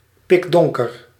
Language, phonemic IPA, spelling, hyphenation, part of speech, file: Dutch, /ˌpɪkˈdɔŋ.kər/, pikdonker, pik‧don‧ker, adjective, Nl-pikdonker.ogg
- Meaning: pitch-dark